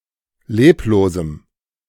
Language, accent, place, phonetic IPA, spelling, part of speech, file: German, Germany, Berlin, [ˈleːploːzm̩], leblosem, adjective, De-leblosem.ogg
- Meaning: strong dative masculine/neuter singular of leblos